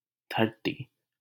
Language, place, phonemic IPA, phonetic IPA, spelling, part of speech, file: Hindi, Delhi, /d̪ʱəɾ.t̪iː/, [d̪ʱɐɾ.t̪iː], धरती, noun, LL-Q1568 (hin)-धरती.wav
- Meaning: 1. land, soil 2. earth